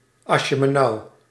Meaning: what the heck (expression of surprise)
- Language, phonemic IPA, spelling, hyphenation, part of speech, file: Dutch, /ˌɑ.ʃə.məˈnɑu̯/, asjemenou, as‧je‧me‧nou, interjection, Nl-asjemenou.ogg